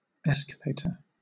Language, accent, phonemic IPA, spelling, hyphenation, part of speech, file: English, Southern England, /ˈɛs.kə.leɪ.tə/, escalator, es‧ca‧la‧tor, noun / verb, LL-Q1860 (eng)-escalator.wav
- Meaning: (noun) 1. Anything that escalates 2. A motor-driven mechanical device consisting of a continuous loop of steps that automatically conveys people from one floor to another